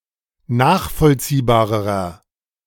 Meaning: inflection of nachvollziehbar: 1. strong/mixed nominative masculine singular comparative degree 2. strong genitive/dative feminine singular comparative degree
- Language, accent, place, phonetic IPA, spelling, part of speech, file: German, Germany, Berlin, [ˈnaːxfɔlt͡siːbaːʁəʁɐ], nachvollziehbarerer, adjective, De-nachvollziehbarerer.ogg